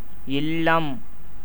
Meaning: house, home
- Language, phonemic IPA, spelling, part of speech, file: Tamil, /ɪllɐm/, இல்லம், noun, Ta-இல்லம்.ogg